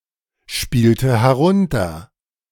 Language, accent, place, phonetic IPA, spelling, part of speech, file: German, Germany, Berlin, [ˌʃpiːltə hɛˈʁʊntɐ], spielte herunter, verb, De-spielte herunter.ogg
- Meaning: inflection of herunterspielen: 1. first/third-person singular preterite 2. first/third-person singular subjunctive II